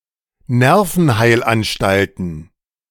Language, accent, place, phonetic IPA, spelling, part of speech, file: German, Germany, Berlin, [ˈnɛʁfn̩ˌhaɪ̯lʔanʃtaltn̩], Nervenheilanstalten, noun, De-Nervenheilanstalten.ogg
- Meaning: plural of Nervenheilanstalt